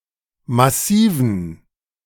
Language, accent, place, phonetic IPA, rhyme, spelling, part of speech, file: German, Germany, Berlin, [maˈsiːvn̩], -iːvn̩, massiven, adjective, De-massiven.ogg
- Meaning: inflection of massiv: 1. strong genitive masculine/neuter singular 2. weak/mixed genitive/dative all-gender singular 3. strong/weak/mixed accusative masculine singular 4. strong dative plural